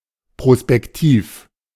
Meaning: prospective
- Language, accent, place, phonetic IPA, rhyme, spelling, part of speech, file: German, Germany, Berlin, [pʁospɛkˈtiːf], -iːf, prospektiv, adjective, De-prospektiv.ogg